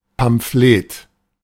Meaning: lampoon (short literary work blaming some person, group, organization or idea)
- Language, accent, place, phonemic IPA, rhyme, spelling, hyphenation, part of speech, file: German, Germany, Berlin, /pamˈfleːt/, -eːt, Pamphlet, Pam‧ph‧let, noun, De-Pamphlet.ogg